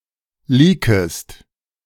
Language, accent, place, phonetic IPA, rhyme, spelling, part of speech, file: German, Germany, Berlin, [ˈliːkəst], -iːkəst, leakest, verb, De-leakest.ogg
- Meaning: second-person singular subjunctive I of leaken